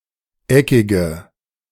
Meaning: inflection of eckig: 1. strong/mixed nominative/accusative feminine singular 2. strong nominative/accusative plural 3. weak nominative all-gender singular 4. weak accusative feminine/neuter singular
- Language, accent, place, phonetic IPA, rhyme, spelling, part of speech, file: German, Germany, Berlin, [ˈɛkɪɡə], -ɛkɪɡə, eckige, adjective, De-eckige.ogg